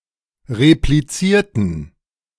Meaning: inflection of replizieren: 1. first/third-person plural preterite 2. first/third-person plural subjunctive II
- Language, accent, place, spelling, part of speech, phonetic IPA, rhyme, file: German, Germany, Berlin, replizierten, adjective / verb, [ʁepliˈt͡siːɐ̯tn̩], -iːɐ̯tn̩, De-replizierten.ogg